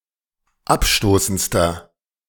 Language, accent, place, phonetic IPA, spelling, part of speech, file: German, Germany, Berlin, [ˈapˌʃtoːsn̩t͡stɐ], abstoßendster, adjective, De-abstoßendster.ogg
- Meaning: inflection of abstoßend: 1. strong/mixed nominative masculine singular superlative degree 2. strong genitive/dative feminine singular superlative degree 3. strong genitive plural superlative degree